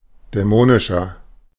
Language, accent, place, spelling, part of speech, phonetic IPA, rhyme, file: German, Germany, Berlin, dämonischer, adjective, [dɛˈmoːnɪʃɐ], -oːnɪʃɐ, De-dämonischer.ogg
- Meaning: 1. comparative degree of dämonisch 2. inflection of dämonisch: strong/mixed nominative masculine singular 3. inflection of dämonisch: strong genitive/dative feminine singular